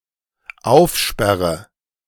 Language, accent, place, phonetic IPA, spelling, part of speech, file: German, Germany, Berlin, [ˈaʊ̯fˌʃpɛʁə], aufsperre, verb, De-aufsperre.ogg
- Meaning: inflection of aufsperren: 1. first-person singular dependent present 2. first/third-person singular dependent subjunctive I